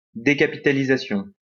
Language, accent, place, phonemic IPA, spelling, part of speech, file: French, France, Lyon, /de.ka.pi.ta.li.za.sjɔ̃/, décapitalisation, noun, LL-Q150 (fra)-décapitalisation.wav
- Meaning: decapitalization